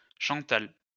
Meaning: a female given name
- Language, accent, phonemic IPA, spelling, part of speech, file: French, France, /ʃɑ̃.tal/, Chantal, proper noun, LL-Q150 (fra)-Chantal.wav